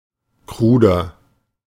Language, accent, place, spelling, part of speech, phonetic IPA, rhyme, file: German, Germany, Berlin, kruder, adjective, [ˈkʁuːdɐ], -uːdɐ, De-kruder.ogg
- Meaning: 1. comparative degree of krud 2. inflection of krud: strong/mixed nominative masculine singular 3. inflection of krud: strong genitive/dative feminine singular